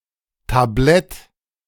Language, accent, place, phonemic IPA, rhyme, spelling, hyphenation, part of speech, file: German, Germany, Berlin, /taˈblɛt/, -ɛt, Tablett, Ta‧b‧lett, noun, De-Tablett.ogg
- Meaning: tray (object on which things are carried)